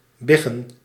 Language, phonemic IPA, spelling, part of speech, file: Dutch, /ˈbɪɣə(n)/, biggen, verb / noun, Nl-biggen.ogg
- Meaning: plural of big